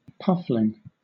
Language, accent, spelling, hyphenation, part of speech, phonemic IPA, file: English, Southern England, puffling, puff‧ling, noun, /ˈpʌflɪŋ/, LL-Q1860 (eng)-puffling.wav
- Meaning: A young puffin